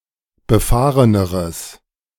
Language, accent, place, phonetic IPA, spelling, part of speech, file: German, Germany, Berlin, [bəˈfaːʁənəʁəs], befahreneres, adjective, De-befahreneres.ogg
- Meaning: strong/mixed nominative/accusative neuter singular comparative degree of befahren